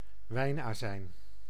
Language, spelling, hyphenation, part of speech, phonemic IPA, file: Dutch, wijnazijn, wijn‧azijn, noun, /ˈʋɛi̯naːzɛi̯n/, Nl-wijnazijn.ogg
- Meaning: wine vinegar